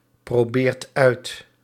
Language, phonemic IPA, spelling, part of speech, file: Dutch, /proˈbert ˈœyt/, probeert uit, verb, Nl-probeert uit.ogg
- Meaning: inflection of uitproberen: 1. second/third-person singular present indicative 2. plural imperative